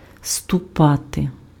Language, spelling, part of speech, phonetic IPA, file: Ukrainian, ступати, verb, [stʊˈpate], Uk-ступати.ogg
- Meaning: to step, to tread